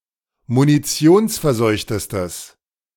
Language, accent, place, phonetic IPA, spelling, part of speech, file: German, Germany, Berlin, [muniˈt͡si̯oːnsfɛɐ̯ˌzɔɪ̯çtəstəs], munitionsverseuchtestes, adjective, De-munitionsverseuchtestes.ogg
- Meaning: strong/mixed nominative/accusative neuter singular superlative degree of munitionsverseucht